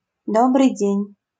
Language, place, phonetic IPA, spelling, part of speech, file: Russian, Saint Petersburg, [ˌdobrɨj ˈdʲenʲ], добрый день, interjection, LL-Q7737 (rus)-добрый день.wav
- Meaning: good day, good afternoon